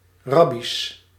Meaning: plural of rabbi
- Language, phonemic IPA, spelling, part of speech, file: Dutch, /ˈrɑbis/, rabbi's, noun, Nl-rabbi's.ogg